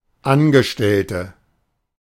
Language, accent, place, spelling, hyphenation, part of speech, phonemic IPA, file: German, Germany, Berlin, Angestellte, An‧ge‧stell‧te, noun, /ˈanɡəˌʃtɛltə/, De-Angestellte.ogg
- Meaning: 1. female equivalent of Angestellter: female employee/worker/clerk/servant/staffer/staff member 2. inflection of Angestellter: strong nominative/accusative plural